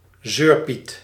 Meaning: a whiner, a complainer, a crybaby
- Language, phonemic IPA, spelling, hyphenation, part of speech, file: Dutch, /ˈzøːr.pit/, zeurpiet, zeur‧piet, noun, Nl-zeurpiet.ogg